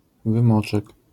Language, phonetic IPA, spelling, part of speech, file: Polish, [vɨ̃ˈmɔt͡ʃɛk], wymoczek, noun, LL-Q809 (pol)-wymoczek.wav